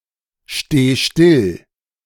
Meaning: singular imperative of stillstehen
- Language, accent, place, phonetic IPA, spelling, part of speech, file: German, Germany, Berlin, [ˌʃteː ˈʃtɪl], steh still, verb, De-steh still.ogg